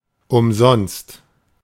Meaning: 1. free of charge, gratis 2. in vain, without success 3. for nothing; for the sake of doing it (without expecting reply)
- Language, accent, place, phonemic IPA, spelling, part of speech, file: German, Germany, Berlin, /ʊmˈzɔnst/, umsonst, adverb, De-umsonst.ogg